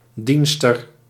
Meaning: waitress, female server
- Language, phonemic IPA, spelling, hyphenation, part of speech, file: Dutch, /ˈdin.stər/, dienster, dien‧ster, noun, Nl-dienster.ogg